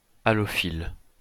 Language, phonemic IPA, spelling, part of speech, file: French, /a.lɔ.fil/, halophile, adjective / noun, LL-Q150 (fra)-halophile.wav
- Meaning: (adjective) halophilic; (noun) halophile